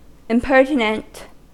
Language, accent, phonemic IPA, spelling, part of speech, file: English, US, /ɪmˈpɝ.tɪ.nənt/, impertinent, adjective / noun, En-us-impertinent.ogg
- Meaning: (adjective) 1. Insolent, ill-mannered or disrespectful; Disregardful 2. Not pertaining or related to (something or someone); Irrelevant or useless; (noun) An impertinent individual